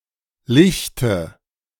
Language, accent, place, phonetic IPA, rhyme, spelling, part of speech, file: German, Germany, Berlin, [ˈlɪçtə], -ɪçtə, lichte, adjective / verb, De-lichte.ogg
- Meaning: inflection of lichten: 1. first-person singular present 2. first/third-person singular subjunctive I 3. singular imperative